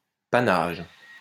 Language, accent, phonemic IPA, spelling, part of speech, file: French, France, /pa.naʒ/, panage, noun, LL-Q150 (fra)-panage.wav
- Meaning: 1. Feeding of pigs on beech nuts and acorns in the forests 2. the right to so feed pigs